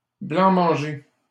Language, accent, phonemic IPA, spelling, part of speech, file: French, Canada, /blɑ̃.mɑ̃.ʒe/, blanc-manger, noun, LL-Q150 (fra)-blanc-manger.wav
- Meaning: blancmange